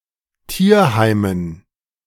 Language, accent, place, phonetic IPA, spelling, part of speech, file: German, Germany, Berlin, [ˈtiːɐ̯ˌhaɪ̯mən], Tierheimen, noun, De-Tierheimen.ogg
- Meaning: dative plural of Tierheim